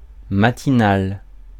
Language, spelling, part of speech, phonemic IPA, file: French, matinal, adjective, /ma.ti.nal/, Fr-matinal.ogg
- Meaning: 1. morning; matinal 2. who gets up early, who is used to getting up early, who likes to get up early